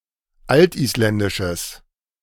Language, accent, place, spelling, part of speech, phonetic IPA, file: German, Germany, Berlin, altisländisches, adjective, [ˈaltʔiːsˌlɛndɪʃəs], De-altisländisches.ogg
- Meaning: strong/mixed nominative/accusative neuter singular of altisländisch